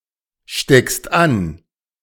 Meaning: second-person singular present of anstecken
- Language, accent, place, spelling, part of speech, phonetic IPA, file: German, Germany, Berlin, steckst an, verb, [ˌʃtɛkst ˈan], De-steckst an.ogg